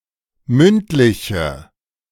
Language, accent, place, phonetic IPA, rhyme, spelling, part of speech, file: German, Germany, Berlin, [ˈmʏntˌlɪçə], -ʏntlɪçə, mündliche, adjective, De-mündliche.ogg
- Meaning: inflection of mündlich: 1. strong/mixed nominative/accusative feminine singular 2. strong nominative/accusative plural 3. weak nominative all-gender singular